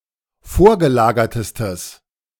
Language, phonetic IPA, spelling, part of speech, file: German, [ˈfoːɐ̯ɡəˌlaːɡɐtəstəs], vorgelagertestes, adjective, De-vorgelagertestes.ogg